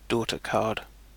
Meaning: daughterboard
- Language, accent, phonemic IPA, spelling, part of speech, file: English, UK, /ˈdɔːtəkɑː(ɹ)d/, daughtercard, noun, En-uk-daughtercard.ogg